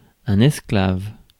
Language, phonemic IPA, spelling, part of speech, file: French, /ɛs.klav/, esclave, noun, Fr-esclave.ogg
- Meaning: slave